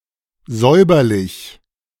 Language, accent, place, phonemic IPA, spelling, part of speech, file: German, Germany, Berlin, /ˈzɔɪ̯bɐlɪç/, säuberlich, adjective, De-säuberlich.ogg
- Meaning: neat and tidy